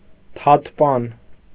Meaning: mitten
- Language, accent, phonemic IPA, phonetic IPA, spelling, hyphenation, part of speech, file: Armenian, Eastern Armenian, /tʰɑtʰˈpɑn/, [tʰɑtʰpɑ́n], թաթպան, թաթ‧պան, noun, Hy-թաթպան.ogg